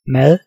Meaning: 1. food 2. a slice of bread with something on top
- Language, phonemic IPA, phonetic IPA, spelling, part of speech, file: Danish, /mað/, [ˈmæð̠˕ˠ], mad, noun, Da-mad.ogg